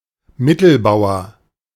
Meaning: 1. central pawn 2. mid-size farmer 3. someone of non-tenured faculty staff
- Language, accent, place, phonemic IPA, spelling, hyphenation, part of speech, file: German, Germany, Berlin, /ˈmɪtl̩ˌbaʊ̯ɐ/, Mittelbauer, Mit‧tel‧bau‧er, noun, De-Mittelbauer.ogg